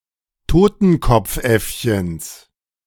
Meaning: genitive singular of Totenkopfäffchen
- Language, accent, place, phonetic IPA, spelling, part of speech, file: German, Germany, Berlin, [ˈtoːtn̩kɔp͡fˌʔɛfçəns], Totenkopfäffchens, noun, De-Totenkopfäffchens.ogg